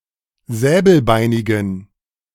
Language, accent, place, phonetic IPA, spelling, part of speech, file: German, Germany, Berlin, [ˈzɛːbl̩ˌbaɪ̯nɪɡn̩], säbelbeinigen, adjective, De-säbelbeinigen.ogg
- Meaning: inflection of säbelbeinig: 1. strong genitive masculine/neuter singular 2. weak/mixed genitive/dative all-gender singular 3. strong/weak/mixed accusative masculine singular 4. strong dative plural